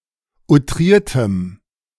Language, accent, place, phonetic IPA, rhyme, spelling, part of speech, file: German, Germany, Berlin, [uˈtʁiːɐ̯təm], -iːɐ̯təm, outriertem, adjective, De-outriertem.ogg
- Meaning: strong dative masculine/neuter singular of outriert